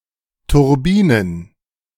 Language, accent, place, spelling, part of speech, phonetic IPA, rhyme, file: German, Germany, Berlin, Turbinen, noun, [tʊʁˈbiːnən], -iːnən, De-Turbinen.ogg
- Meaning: plural of Turbine